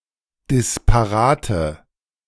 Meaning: inflection of disparat: 1. strong/mixed nominative/accusative feminine singular 2. strong nominative/accusative plural 3. weak nominative all-gender singular
- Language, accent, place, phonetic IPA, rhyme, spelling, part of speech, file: German, Germany, Berlin, [dɪspaˈʁaːtə], -aːtə, disparate, adjective, De-disparate.ogg